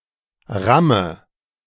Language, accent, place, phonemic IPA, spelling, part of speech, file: German, Germany, Berlin, /ˈʁamə/, Ramme, noun, De-Ramme.ogg
- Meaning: 1. ram, battering ram 2. pile driver